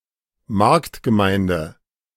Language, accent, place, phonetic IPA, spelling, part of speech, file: German, Germany, Berlin, [ˈmaʁktɡəˌmaɪ̯ndə], Marktgemeinde, noun, De-Marktgemeinde.ogg
- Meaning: market town